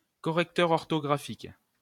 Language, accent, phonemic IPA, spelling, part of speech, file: French, France, /kɔ.ʁɛk.tœʁ ɔʁ.tɔ.ɡʁa.fik/, correcteur orthographique, noun, LL-Q150 (fra)-correcteur orthographique.wav
- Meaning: spell checker